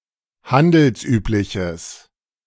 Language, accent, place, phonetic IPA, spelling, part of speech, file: German, Germany, Berlin, [ˈhandl̩sˌʔyːplɪçəs], handelsübliches, adjective, De-handelsübliches.ogg
- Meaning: strong/mixed nominative/accusative neuter singular of handelsüblich